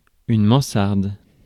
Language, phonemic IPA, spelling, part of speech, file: French, /mɑ̃.saʁd/, mansarde, noun, Fr-mansarde.ogg
- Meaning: attic